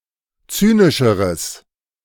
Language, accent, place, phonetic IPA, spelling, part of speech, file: German, Germany, Berlin, [ˈt͡syːnɪʃəʁəs], zynischeres, adjective, De-zynischeres.ogg
- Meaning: strong/mixed nominative/accusative neuter singular comparative degree of zynisch